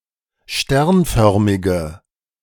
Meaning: inflection of sternförmig: 1. strong/mixed nominative/accusative feminine singular 2. strong nominative/accusative plural 3. weak nominative all-gender singular
- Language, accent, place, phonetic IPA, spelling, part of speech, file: German, Germany, Berlin, [ˈʃtɛʁnˌfœʁmɪɡə], sternförmige, adjective, De-sternförmige.ogg